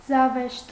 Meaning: 1. joke 2. farce, vaudeville
- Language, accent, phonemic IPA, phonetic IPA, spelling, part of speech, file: Armenian, Eastern Armenian, /zɑˈveʃt/, [zɑvéʃt], զավեշտ, noun, Hy-զավեշտ.ogg